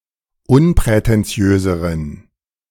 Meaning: inflection of unprätentiös: 1. strong genitive masculine/neuter singular comparative degree 2. weak/mixed genitive/dative all-gender singular comparative degree
- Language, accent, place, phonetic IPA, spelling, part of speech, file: German, Germany, Berlin, [ˈʊnpʁɛtɛnˌt͡si̯øːzəʁən], unprätentiöseren, adjective, De-unprätentiöseren.ogg